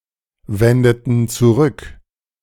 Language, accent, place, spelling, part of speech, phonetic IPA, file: German, Germany, Berlin, wendeten zurück, verb, [ˌvɛndətn̩ t͡suˈʁʏk], De-wendeten zurück.ogg
- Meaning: inflection of zurückwenden: 1. first/third-person plural preterite 2. first/third-person plural subjunctive II